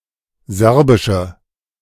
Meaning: inflection of serbisch: 1. strong/mixed nominative/accusative feminine singular 2. strong nominative/accusative plural 3. weak nominative all-gender singular
- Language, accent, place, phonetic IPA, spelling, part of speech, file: German, Germany, Berlin, [ˈzɛʁbɪʃə], serbische, adjective, De-serbische.ogg